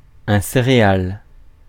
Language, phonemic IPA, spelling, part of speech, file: French, /se.ʁe.al/, céréale, noun, Fr-céréale.ogg
- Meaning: 1. cereal (plant) 2. cereal (seed) 3. cereal (food product made from cereal plants)